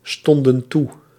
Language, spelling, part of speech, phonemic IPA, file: Dutch, stonden toe, verb, /ˈstɔndə(n) ˈtu/, Nl-stonden toe.ogg
- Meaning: inflection of toestaan: 1. plural past indicative 2. plural past subjunctive